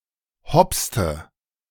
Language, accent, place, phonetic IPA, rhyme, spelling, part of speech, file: German, Germany, Berlin, [ˈhɔpstə], -ɔpstə, hopste, verb, De-hopste.ogg
- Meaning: inflection of hopsen: 1. first/third-person singular preterite 2. first/third-person singular subjunctive II